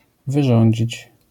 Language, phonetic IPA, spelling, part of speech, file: Polish, [vɨˈʒɔ̃ɲd͡ʑit͡ɕ], wyrządzić, verb, LL-Q809 (pol)-wyrządzić.wav